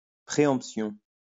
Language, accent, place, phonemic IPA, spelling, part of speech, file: French, France, Lyon, /pʁe.ɑ̃p.sjɔ̃/, préemption, noun, LL-Q150 (fra)-préemption.wav
- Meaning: preemption